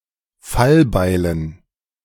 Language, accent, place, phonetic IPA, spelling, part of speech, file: German, Germany, Berlin, [ˈfalˌbaɪ̯lən], Fallbeilen, noun, De-Fallbeilen.ogg
- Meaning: dative plural of Fallbeil